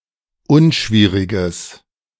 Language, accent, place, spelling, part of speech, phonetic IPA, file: German, Germany, Berlin, unschwieriges, adjective, [ˈʊnˌʃviːʁɪɡəs], De-unschwieriges.ogg
- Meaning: strong/mixed nominative/accusative neuter singular of unschwierig